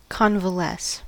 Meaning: To recover health and strength gradually after sickness or weakness
- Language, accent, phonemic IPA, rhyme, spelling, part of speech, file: English, US, /ˌkɑn.vəˈlɛs/, -ɛs, convalesce, verb, En-us-convalesce.ogg